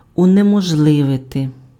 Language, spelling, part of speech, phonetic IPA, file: Ukrainian, унеможливити, verb, [ʊnemɔʒˈɫɪʋete], Uk-унеможливити.ogg
- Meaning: to make impossible, to render impossible, to prevent